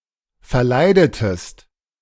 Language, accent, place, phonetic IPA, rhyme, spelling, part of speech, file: German, Germany, Berlin, [fɛɐ̯ˈlaɪ̯dətəst], -aɪ̯dətəst, verleidetest, verb, De-verleidetest.ogg
- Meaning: inflection of verleiden: 1. second-person singular preterite 2. second-person singular subjunctive II